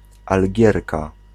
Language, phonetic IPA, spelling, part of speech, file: Polish, [alʲˈɟɛrka], Algierka, noun, Pl-Algierka.ogg